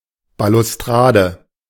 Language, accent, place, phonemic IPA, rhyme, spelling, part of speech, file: German, Germany, Berlin, /balʊsˈtʁaːdə/, -aːdə, Balustrade, noun, De-Balustrade.ogg
- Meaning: balustrade (parapet with balusters)